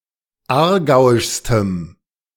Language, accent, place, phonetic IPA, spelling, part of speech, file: German, Germany, Berlin, [ˈaːɐ̯ˌɡaʊ̯ɪʃstəm], aargauischstem, adjective, De-aargauischstem.ogg
- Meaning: strong dative masculine/neuter singular superlative degree of aargauisch